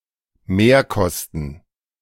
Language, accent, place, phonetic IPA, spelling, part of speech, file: German, Germany, Berlin, [ˈmeːɐ̯ˌkɔstn̩], Mehrkosten, noun, De-Mehrkosten.ogg
- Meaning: cost overrun